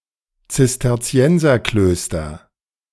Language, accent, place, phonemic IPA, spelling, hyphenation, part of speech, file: German, Germany, Berlin, /t͡sɪstɛʁˈt͡si̯ɛnzɐˌkløːstɐ/, Zisterzienserklöster, Zis‧ter‧zi‧en‧ser‧klös‧ter, noun, De-Zisterzienserklöster.ogg
- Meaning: nominative/accusative/genitive plural of Zisterzienserkloster